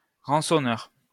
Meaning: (adjective) ransoming; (noun) ransomer
- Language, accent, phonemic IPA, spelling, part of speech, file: French, France, /ʁɑ̃.sɔ.nœʁ/, rançonneur, adjective / noun, LL-Q150 (fra)-rançonneur.wav